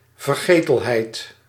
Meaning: oblivion
- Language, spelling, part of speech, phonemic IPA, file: Dutch, vergetelheid, noun, /vərˈɣeː.təlˌɦɛi̯t/, Nl-vergetelheid.ogg